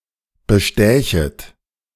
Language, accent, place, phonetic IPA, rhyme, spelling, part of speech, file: German, Germany, Berlin, [bəˈʃtɛːçət], -ɛːçət, bestächet, verb, De-bestächet.ogg
- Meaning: second-person plural subjunctive I of bestechen